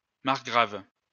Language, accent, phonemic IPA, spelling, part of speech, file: French, France, /maʁ.ɡʁav/, margrave, noun, LL-Q150 (fra)-margrave.wav
- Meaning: 1. a margrave 2. margravine